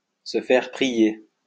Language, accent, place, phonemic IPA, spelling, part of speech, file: French, France, Lyon, /sə fɛʁ pʁi.je/, se faire prier, verb, LL-Q150 (fra)-se faire prier.wav
- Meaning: to need persuading, to need coaxing